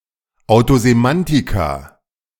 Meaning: 1. plural of Autosemantikum 2. plural of Autosemantikon
- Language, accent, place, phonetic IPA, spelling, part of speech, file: German, Germany, Berlin, [aʊ̯tozeˈmantɪka], Autosemantika, noun, De-Autosemantika.ogg